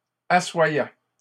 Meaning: third-person plural imperfect indicative of asseoir
- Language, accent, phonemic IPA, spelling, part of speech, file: French, Canada, /a.swa.jɛ/, assoyaient, verb, LL-Q150 (fra)-assoyaient.wav